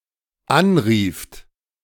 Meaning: second-person plural dependent preterite of anrufen
- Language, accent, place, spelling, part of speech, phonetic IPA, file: German, Germany, Berlin, anrieft, verb, [ˈanˌʁiːft], De-anrieft.ogg